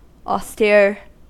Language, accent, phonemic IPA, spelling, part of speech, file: English, US, /ɔˈstiɹ/, austere, adjective, En-us-austere.ogg
- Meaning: 1. Grim or severe in manner or appearance 2. Lacking decoration; trivial; not extravagant or gaudy 3. Adhering to the economic policy of austerity 4. Harsh; astringent